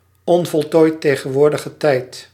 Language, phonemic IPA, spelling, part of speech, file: Dutch, /oteˈte/, o.t.t., noun, Nl-o.t.t..ogg
- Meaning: abbreviation of onvoltooid tegenwoordige tijd